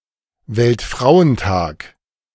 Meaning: International Women's Day
- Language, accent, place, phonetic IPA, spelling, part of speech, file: German, Germany, Berlin, [vɛltˈfʁaʊ̯ənˌtaːk], Weltfrauentag, noun, De-Weltfrauentag.ogg